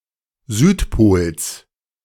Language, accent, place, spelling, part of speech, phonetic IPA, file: German, Germany, Berlin, Südpols, noun, [ˈzyːtˌpoːls], De-Südpols.ogg
- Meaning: genitive singular of Südpol